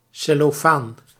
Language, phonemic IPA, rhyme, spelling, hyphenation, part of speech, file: Dutch, /ˌsɛ.loːˈfaːn/, -aːn, cellofaan, cel‧lo‧faan, noun, Nl-cellofaan.ogg
- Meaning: cellophane